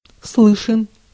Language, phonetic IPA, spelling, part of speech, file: Russian, [ˈsɫɨʂɨn], слышен, adjective, Ru-слышен.ogg
- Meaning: short masculine singular of слы́шный (slýšnyj)